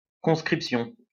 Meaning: conscription
- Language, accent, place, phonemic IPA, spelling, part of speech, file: French, France, Lyon, /kɔ̃s.kʁip.sjɔ̃/, conscription, noun, LL-Q150 (fra)-conscription.wav